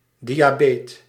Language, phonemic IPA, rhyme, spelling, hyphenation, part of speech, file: Dutch, /ˌdi.aːˈbeːt/, -eːt, diabeet, dia‧beet, noun, Nl-diabeet.ogg
- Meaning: diabetic (person)